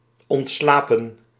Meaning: to die, to pass away
- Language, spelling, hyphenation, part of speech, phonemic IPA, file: Dutch, ontslapen, ont‧sla‧pen, verb, /ˌɔntˈslaːpə(n)/, Nl-ontslapen.ogg